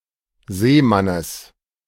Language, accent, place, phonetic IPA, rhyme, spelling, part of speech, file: German, Germany, Berlin, [ˈzeːˌmanəs], -eːmanəs, Seemannes, noun, De-Seemannes.ogg
- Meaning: genitive of Seemann